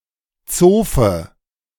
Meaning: lady's maid (personal handmaid of a noblewoman)
- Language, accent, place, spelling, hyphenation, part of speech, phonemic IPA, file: German, Germany, Berlin, Zofe, Zo‧fe, noun, /ˈt͡soːfə/, De-Zofe.ogg